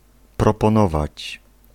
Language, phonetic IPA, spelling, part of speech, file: Polish, [ˌprɔpɔ̃ˈnɔvat͡ɕ], proponować, verb, Pl-proponować.ogg